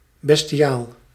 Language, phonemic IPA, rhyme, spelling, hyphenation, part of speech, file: Dutch, /ˌbɛs.tiˈaːl/, -aːl, bestiaal, bes‧ti‧aal, adjective / noun, Nl-bestiaal.ogg
- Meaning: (adjective) bestial, beastly; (noun) 1. sale of livestock 2. tax on the sale of livestock 3. livestock, cattle